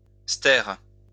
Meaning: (noun) cubic metre; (verb) inflection of stérer: 1. first/third-person singular present indicative/subjunctive 2. second-person singular imperative
- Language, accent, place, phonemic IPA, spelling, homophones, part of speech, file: French, France, Lyon, /stɛʁ/, stère, stères / stèrent, noun / verb, LL-Q150 (fra)-stère.wav